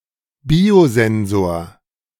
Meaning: biosensor
- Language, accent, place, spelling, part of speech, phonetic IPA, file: German, Germany, Berlin, Biosensor, noun, [ˈbiːoˌzɛnzoːɐ̯], De-Biosensor.ogg